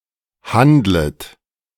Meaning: second-person plural subjunctive I of handeln
- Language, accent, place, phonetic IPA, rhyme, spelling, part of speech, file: German, Germany, Berlin, [ˈhandlət], -andlət, handlet, verb, De-handlet.ogg